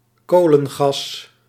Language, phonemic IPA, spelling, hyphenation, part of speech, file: Dutch, /ˈkoː.lə(n)ˌɣɑs/, kolengas, ko‧len‧gas, noun, Nl-kolengas.ogg
- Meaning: coal gas